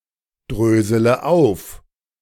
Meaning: inflection of aufdröseln: 1. first-person singular present 2. first-person plural subjunctive I 3. third-person singular subjunctive I 4. singular imperative
- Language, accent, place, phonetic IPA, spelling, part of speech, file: German, Germany, Berlin, [ˌdʁøːzələ ˈaʊ̯f], drösele auf, verb, De-drösele auf.ogg